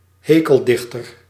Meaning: satirist
- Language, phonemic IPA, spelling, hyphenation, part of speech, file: Dutch, /ˈɦeː.kəlˌdɪx.tər/, hekeldichter, he‧kel‧dich‧ter, noun, Nl-hekeldichter.ogg